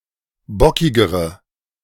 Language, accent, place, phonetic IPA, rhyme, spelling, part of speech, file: German, Germany, Berlin, [ˈbɔkɪɡəʁə], -ɔkɪɡəʁə, bockigere, adjective, De-bockigere.ogg
- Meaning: inflection of bockig: 1. strong/mixed nominative/accusative feminine singular comparative degree 2. strong nominative/accusative plural comparative degree